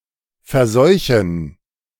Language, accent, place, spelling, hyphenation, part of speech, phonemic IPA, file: German, Germany, Berlin, verseuchen, ver‧seu‧chen, verb, /fɛɐ̯ˈzɔʏ̯çən/, De-verseuchen.ogg
- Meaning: to contaminate